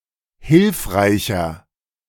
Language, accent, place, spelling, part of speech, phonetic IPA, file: German, Germany, Berlin, hilfreicher, adjective, [ˈhɪlfʁaɪ̯çɐ], De-hilfreicher.ogg
- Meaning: 1. comparative degree of hilfreich 2. inflection of hilfreich: strong/mixed nominative masculine singular 3. inflection of hilfreich: strong genitive/dative feminine singular